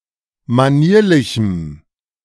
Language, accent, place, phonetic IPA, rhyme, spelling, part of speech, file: German, Germany, Berlin, [maˈniːɐ̯lɪçm̩], -iːɐ̯lɪçm̩, manierlichem, adjective, De-manierlichem.ogg
- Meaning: strong dative masculine/neuter singular of manierlich